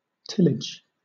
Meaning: 1. The cultivation of arable land by plowing, sowing and raising crops 2. Land cultivated in this way
- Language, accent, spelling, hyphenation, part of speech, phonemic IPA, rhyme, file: English, Southern England, tillage, till‧age, noun, /ˈtɪlɪd͡ʒ/, -ɪlɪdʒ, LL-Q1860 (eng)-tillage.wav